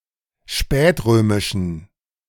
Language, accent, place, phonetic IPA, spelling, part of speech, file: German, Germany, Berlin, [ˈʃpɛːtˌʁøːmɪʃn̩], spätrömischen, adjective, De-spätrömischen.ogg
- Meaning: inflection of spätrömisch: 1. strong genitive masculine/neuter singular 2. weak/mixed genitive/dative all-gender singular 3. strong/weak/mixed accusative masculine singular 4. strong dative plural